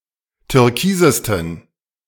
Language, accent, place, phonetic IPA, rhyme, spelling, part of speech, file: German, Germany, Berlin, [tʏʁˈkiːzəstn̩], -iːzəstn̩, türkisesten, adjective, De-türkisesten.ogg
- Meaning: 1. superlative degree of türkis 2. inflection of türkis: strong genitive masculine/neuter singular superlative degree